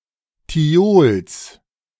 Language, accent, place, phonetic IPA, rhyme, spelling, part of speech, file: German, Germany, Berlin, [tiˈoːls], -oːls, Thiols, noun, De-Thiols.ogg
- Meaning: genitive singular of Thiol